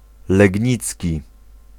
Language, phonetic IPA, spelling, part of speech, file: Polish, [lɛɟˈɲit͡sʲci], legnicki, adjective, Pl-legnicki.ogg